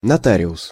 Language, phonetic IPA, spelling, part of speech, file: Russian, [nɐˈtarʲɪʊs], нотариус, noun, Ru-нотариус.ogg
- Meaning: notary